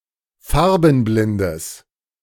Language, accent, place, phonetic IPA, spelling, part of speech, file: German, Germany, Berlin, [ˈfaʁbn̩ˌblɪndəs], farbenblindes, adjective, De-farbenblindes.ogg
- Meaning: strong/mixed nominative/accusative neuter singular of farbenblind